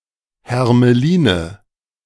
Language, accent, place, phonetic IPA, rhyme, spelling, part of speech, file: German, Germany, Berlin, [hɛʁməˈliːnə], -iːnə, Hermeline, noun, De-Hermeline.ogg
- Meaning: nominative/accusative/genitive plural of Hermelin